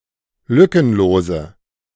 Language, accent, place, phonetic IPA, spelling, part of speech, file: German, Germany, Berlin, [ˈlʏkənˌloːzə], lückenlose, adjective, De-lückenlose.ogg
- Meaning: inflection of lückenlos: 1. strong/mixed nominative/accusative feminine singular 2. strong nominative/accusative plural 3. weak nominative all-gender singular